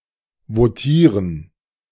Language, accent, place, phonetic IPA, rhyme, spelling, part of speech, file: German, Germany, Berlin, [voˈtiːʁən], -iːʁən, votieren, verb, De-votieren.ogg
- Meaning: to vote